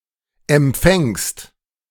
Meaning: second-person singular present of empfangen
- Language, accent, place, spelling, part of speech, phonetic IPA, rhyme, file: German, Germany, Berlin, empfängst, verb, [ɛmˈp͡fɛŋst], -ɛŋst, De-empfängst.ogg